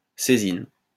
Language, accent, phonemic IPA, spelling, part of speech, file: French, France, /se.zin/, césine, noun, LL-Q150 (fra)-césine.wav
- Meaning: caesium hydroxide